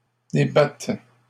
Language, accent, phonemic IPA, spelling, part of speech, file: French, Canada, /de.bat/, débattes, verb, LL-Q150 (fra)-débattes.wav
- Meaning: second-person singular present subjunctive of débattre